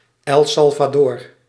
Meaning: El Salvador (a country in Central America)
- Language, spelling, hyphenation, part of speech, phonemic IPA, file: Dutch, El Salvador, El Sal‧va‧dor, proper noun, /ˌɛl ˈsɑl.vaː.dɔr/, Nl-El Salvador.ogg